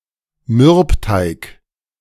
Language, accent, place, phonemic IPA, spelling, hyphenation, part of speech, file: German, Germany, Berlin, /ˈmʏʁpˌtaɪk/, Mürbteig, Mürb‧teig, noun, De-Mürbteig.ogg
- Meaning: alternative form of Mürbeteig